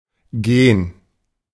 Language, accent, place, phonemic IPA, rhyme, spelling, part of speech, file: German, Germany, Berlin, /ˈɡeːn/, -eːn, Gen, noun, De-Gen.ogg
- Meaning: gene